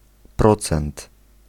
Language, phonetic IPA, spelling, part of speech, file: Polish, [ˈprɔt͡sɛ̃nt], procent, numeral / noun, Pl-procent.ogg